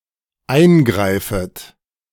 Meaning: second-person plural dependent subjunctive I of eingreifen
- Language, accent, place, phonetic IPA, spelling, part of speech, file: German, Germany, Berlin, [ˈaɪ̯nˌɡʁaɪ̯fət], eingreifet, verb, De-eingreifet.ogg